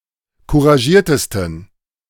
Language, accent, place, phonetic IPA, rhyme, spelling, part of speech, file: German, Germany, Berlin, [kuʁaˈʒiːɐ̯təstn̩], -iːɐ̯təstn̩, couragiertesten, adjective, De-couragiertesten.ogg
- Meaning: 1. superlative degree of couragiert 2. inflection of couragiert: strong genitive masculine/neuter singular superlative degree